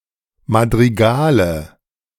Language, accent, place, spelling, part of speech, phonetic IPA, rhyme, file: German, Germany, Berlin, Madrigale, noun, [madʁiˈɡaːlə], -aːlə, De-Madrigale.ogg
- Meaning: nominative/accusative/genitive plural of Madrigal